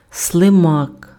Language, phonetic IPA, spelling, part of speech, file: Ukrainian, [sɫeˈmak], слимак, noun, Uk-слимак.ogg
- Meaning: 1. slug 2. snail 3. a slimeball 4. a weak-willed, worthless person 5. novice